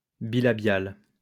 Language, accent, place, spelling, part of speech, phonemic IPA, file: French, France, Lyon, bilabial, adjective, /bi.la.bjal/, LL-Q150 (fra)-bilabial.wav
- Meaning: bilabial